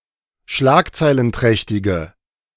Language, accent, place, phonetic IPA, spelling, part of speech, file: German, Germany, Berlin, [ˈʃlaːkt͡saɪ̯lənˌtʁɛçtɪɡə], schlagzeilenträchtige, adjective, De-schlagzeilenträchtige.ogg
- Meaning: inflection of schlagzeilenträchtig: 1. strong/mixed nominative/accusative feminine singular 2. strong nominative/accusative plural 3. weak nominative all-gender singular